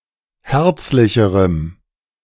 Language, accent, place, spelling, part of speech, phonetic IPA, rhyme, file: German, Germany, Berlin, herzlicherem, adjective, [ˈhɛʁt͡slɪçəʁəm], -ɛʁt͡slɪçəʁəm, De-herzlicherem.ogg
- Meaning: strong dative masculine/neuter singular comparative degree of herzlich